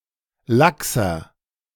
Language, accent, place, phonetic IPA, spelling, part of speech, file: German, Germany, Berlin, [ˈlaksɐ], laxer, adjective, De-laxer.ogg
- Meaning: 1. comparative degree of lax 2. inflection of lax: strong/mixed nominative masculine singular 3. inflection of lax: strong genitive/dative feminine singular